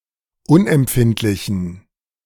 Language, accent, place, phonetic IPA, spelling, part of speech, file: German, Germany, Berlin, [ˈʊnʔɛmˌpfɪntlɪçn̩], unempfindlichen, adjective, De-unempfindlichen.ogg
- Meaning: inflection of unempfindlich: 1. strong genitive masculine/neuter singular 2. weak/mixed genitive/dative all-gender singular 3. strong/weak/mixed accusative masculine singular 4. strong dative plural